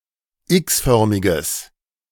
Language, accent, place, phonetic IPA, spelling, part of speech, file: German, Germany, Berlin, [ˈɪksˌfœʁmɪɡəs], x-förmiges, adjective, De-x-förmiges.ogg
- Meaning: strong/mixed nominative/accusative neuter singular of x-förmig